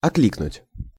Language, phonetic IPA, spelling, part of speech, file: Russian, [ɐˈklʲiknʊtʲ], окликнуть, verb, Ru-окликнуть.ogg
- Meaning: to hail, to call (to)